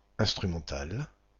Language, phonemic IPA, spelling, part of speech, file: French, /ɛ̃s.tʁy.mɑ̃.tal/, instrumental, adjective / noun, Instrumental-FR.ogg
- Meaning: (adjective) instrumental; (noun) instrumental case, instrumental